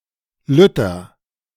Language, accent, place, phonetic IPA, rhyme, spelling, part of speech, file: German, Germany, Berlin, [ˈlʏtɐ], -ʏtɐ, lütter, adjective, De-lütter.ogg
- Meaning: inflection of lütt: 1. strong/mixed nominative masculine singular 2. strong genitive/dative feminine singular 3. strong genitive plural